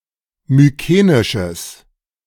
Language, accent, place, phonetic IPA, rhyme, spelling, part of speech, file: German, Germany, Berlin, [myˈkeːnɪʃəs], -eːnɪʃəs, mykenisches, adjective, De-mykenisches.ogg
- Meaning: strong/mixed nominative/accusative neuter singular of mykenisch